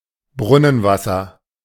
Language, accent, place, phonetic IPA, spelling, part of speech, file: German, Germany, Berlin, [ˈbʁʊnənˌvasɐ], Brunnenwasser, noun, De-Brunnenwasser.ogg
- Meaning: well water